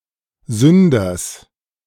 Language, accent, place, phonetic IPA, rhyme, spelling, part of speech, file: German, Germany, Berlin, [ˈzʏndɐs], -ʏndɐs, Sünders, noun, De-Sünders.ogg
- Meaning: genitive singular of Sünder